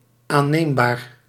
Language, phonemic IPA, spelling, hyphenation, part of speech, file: Dutch, /ˌaː(n)ˈneːm.baːr/, aanneembaar, aan‧neem‧baar, adjective, Nl-aanneembaar.ogg
- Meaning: plausible, acceptable